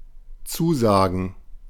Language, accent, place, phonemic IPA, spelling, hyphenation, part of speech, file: German, Germany, Berlin, /ˈtsuːzaːɡn̩/, zusagen, zu‧sa‧gen, verb, De-zusagen.ogg
- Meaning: 1. to accept, to promise to come 2. to pledge, to promise 3. to please; to appeal to